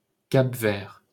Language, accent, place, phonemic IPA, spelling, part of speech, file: French, France, Paris, /kap.vɛʁ/, Cap-Vert, proper noun, LL-Q150 (fra)-Cap-Vert.wav
- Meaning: Cape Verde (an archipelago and country in West Africa)